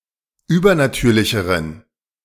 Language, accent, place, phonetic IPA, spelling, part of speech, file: German, Germany, Berlin, [ˈyːbɐnaˌtyːɐ̯lɪçəʁən], übernatürlicheren, adjective, De-übernatürlicheren.ogg
- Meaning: inflection of übernatürlich: 1. strong genitive masculine/neuter singular comparative degree 2. weak/mixed genitive/dative all-gender singular comparative degree